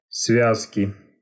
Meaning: inflection of свя́зка (svjázka): 1. genitive singular 2. nominative/accusative plural
- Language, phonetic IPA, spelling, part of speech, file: Russian, [ˈsvʲaskʲɪ], связки, noun, Ru-связки.ogg